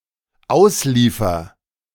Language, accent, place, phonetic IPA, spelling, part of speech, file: German, Germany, Berlin, [ˈaʊ̯sˌliːfɐ], ausliefer, verb, De-ausliefer.ogg
- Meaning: first-person singular dependent present of ausliefern